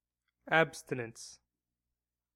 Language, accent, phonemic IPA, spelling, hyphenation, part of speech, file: English, US, /ˈæb.stɪ.nəns/, abstinence, ab‧sti‧nence, noun, En-us-abstinence.ogg
- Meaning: The act or practice of abstaining, refraining from indulging a desire or appetite